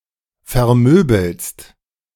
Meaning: second-person singular present of vermöbeln
- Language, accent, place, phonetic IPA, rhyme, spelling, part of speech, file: German, Germany, Berlin, [fɛɐ̯ˈmøːbl̩st], -øːbl̩st, vermöbelst, verb, De-vermöbelst.ogg